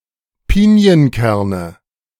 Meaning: nominative/accusative/genitive plural of Pinienkern
- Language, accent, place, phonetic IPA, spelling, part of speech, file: German, Germany, Berlin, [ˈpiːni̯ənˌkɛʁnə], Pinienkerne, noun, De-Pinienkerne.ogg